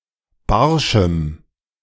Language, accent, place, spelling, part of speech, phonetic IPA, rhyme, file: German, Germany, Berlin, barschem, adjective, [ˈbaʁʃm̩], -aʁʃm̩, De-barschem.ogg
- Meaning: strong dative masculine/neuter singular of barsch